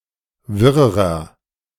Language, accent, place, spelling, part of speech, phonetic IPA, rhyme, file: German, Germany, Berlin, wirrerer, adjective, [ˈvɪʁəʁɐ], -ɪʁəʁɐ, De-wirrerer.ogg
- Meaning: inflection of wirr: 1. strong/mixed nominative masculine singular comparative degree 2. strong genitive/dative feminine singular comparative degree 3. strong genitive plural comparative degree